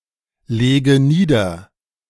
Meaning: inflection of niederlegen: 1. first-person singular present 2. first/third-person singular subjunctive I 3. singular imperative
- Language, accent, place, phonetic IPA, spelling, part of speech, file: German, Germany, Berlin, [ˌleːɡə ˈniːdɐ], lege nieder, verb, De-lege nieder.ogg